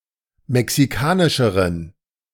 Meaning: inflection of mexikanisch: 1. strong genitive masculine/neuter singular comparative degree 2. weak/mixed genitive/dative all-gender singular comparative degree
- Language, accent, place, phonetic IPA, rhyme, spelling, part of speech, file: German, Germany, Berlin, [mɛksiˈkaːnɪʃəʁən], -aːnɪʃəʁən, mexikanischeren, adjective, De-mexikanischeren.ogg